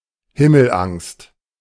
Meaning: scared stiff
- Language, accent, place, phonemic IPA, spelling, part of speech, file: German, Germany, Berlin, /hɪml̩ˌʔaŋst/, himmelangst, adjective, De-himmelangst.ogg